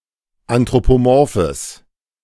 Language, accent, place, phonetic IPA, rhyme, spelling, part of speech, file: German, Germany, Berlin, [antʁopoˈmɔʁfəs], -ɔʁfəs, anthropomorphes, adjective, De-anthropomorphes.ogg
- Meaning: strong/mixed nominative/accusative neuter singular of anthropomorph